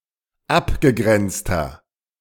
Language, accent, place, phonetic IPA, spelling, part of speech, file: German, Germany, Berlin, [ˈapɡəˌɡʁɛnt͡stɐ], abgegrenzter, adjective, De-abgegrenzter.ogg
- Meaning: inflection of abgegrenzt: 1. strong/mixed nominative masculine singular 2. strong genitive/dative feminine singular 3. strong genitive plural